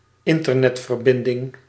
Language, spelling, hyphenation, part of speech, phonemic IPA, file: Dutch, internetverbinding, in‧ter‧net‧ver‧bin‧ding, noun, /ˈɪn.tər.nɛt.vərˌbɪn.dɪŋ/, Nl-internetverbinding.ogg
- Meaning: internet connection